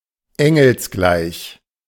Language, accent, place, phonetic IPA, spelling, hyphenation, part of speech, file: German, Germany, Berlin, [ˈɛŋl̩sˌɡlaɪ̯ç], engelsgleich, en‧gels‧gleich, adjective, De-engelsgleich.ogg
- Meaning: angelic